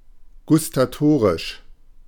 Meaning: gustatory
- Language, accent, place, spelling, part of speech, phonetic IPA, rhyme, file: German, Germany, Berlin, gustatorisch, adjective, [ɡʊstaˈtoːʁɪʃ], -oːʁɪʃ, De-gustatorisch.ogg